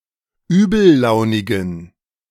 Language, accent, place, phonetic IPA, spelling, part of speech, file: German, Germany, Berlin, [ˈyːbl̩ˌlaʊ̯nɪɡn̩], übellaunigen, adjective, De-übellaunigen.ogg
- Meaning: inflection of übellaunig: 1. strong genitive masculine/neuter singular 2. weak/mixed genitive/dative all-gender singular 3. strong/weak/mixed accusative masculine singular 4. strong dative plural